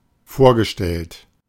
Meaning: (verb) past participle of vorstellen; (adjective) 1. envisaged, imagined 2. presented, visualized
- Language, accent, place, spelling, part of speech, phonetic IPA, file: German, Germany, Berlin, vorgestellt, adjective / verb, [ˈfoːɐ̯ɡəˌʃtɛlt], De-vorgestellt.ogg